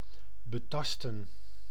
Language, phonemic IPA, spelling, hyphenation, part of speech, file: Dutch, /bəˈtɑstə(n)/, betasten, be‧tas‧ten, verb, Nl-betasten.ogg
- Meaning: to feel, to grope